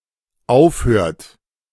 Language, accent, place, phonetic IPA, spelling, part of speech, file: German, Germany, Berlin, [ˈaʊ̯fˌhøːɐ̯t], aufhört, verb, De-aufhört.ogg
- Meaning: inflection of aufhören: 1. third-person singular dependent present 2. second-person plural dependent present